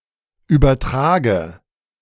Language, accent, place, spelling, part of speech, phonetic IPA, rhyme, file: German, Germany, Berlin, übertrage, verb, [ˌyːbɐˈtʁaːɡə], -aːɡə, De-übertrage.ogg
- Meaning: inflection of übertragen: 1. first-person singular present 2. first/third-person singular subjunctive I 3. singular imperative